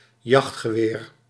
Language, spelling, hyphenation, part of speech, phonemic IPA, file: Dutch, jachtgeweer, jacht‧ge‧weer, noun, /ˈjɑxt.xəˌʋeːr/, Nl-jachtgeweer.ogg
- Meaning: a long gun used for hunting; a hunting rifle or shotgun